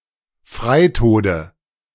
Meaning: nominative/accusative/genitive plural of Freitod
- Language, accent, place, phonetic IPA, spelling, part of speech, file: German, Germany, Berlin, [ˈfʁaɪ̯ˌtoːdə], Freitode, noun, De-Freitode.ogg